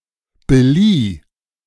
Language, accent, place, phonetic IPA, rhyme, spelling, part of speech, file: German, Germany, Berlin, [bəliː], -iː, belieh, verb, De-belieh.ogg
- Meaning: first/third-person singular preterite of beleihen